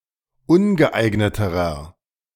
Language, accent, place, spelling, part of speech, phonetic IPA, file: German, Germany, Berlin, ungeeigneterer, adjective, [ˈʊnɡəˌʔaɪ̯ɡnətəʁɐ], De-ungeeigneterer.ogg
- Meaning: inflection of ungeeignet: 1. strong/mixed nominative masculine singular comparative degree 2. strong genitive/dative feminine singular comparative degree 3. strong genitive plural comparative degree